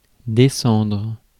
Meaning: 1. to go down 2. to descend 3. to put down; disparage 4. to kill (someone) 5. to stay (in a hotel or other temporary lodging)
- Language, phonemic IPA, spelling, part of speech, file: French, /de.sɑ̃dʁ/, descendre, verb, Fr-descendre.ogg